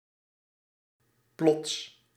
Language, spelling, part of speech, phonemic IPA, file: Dutch, plots, adjective / adverb / noun, /plɔts/, Nl-plots.ogg
- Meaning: suddenly